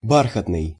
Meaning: 1. velvet 2. velvety
- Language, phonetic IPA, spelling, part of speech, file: Russian, [ˈbarxətnɨj], бархатный, adjective, Ru-бархатный.ogg